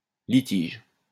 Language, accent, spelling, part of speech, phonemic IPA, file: French, France, litige, noun, /li.tiʒ/, LL-Q150 (fra)-litige.wav
- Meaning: litigation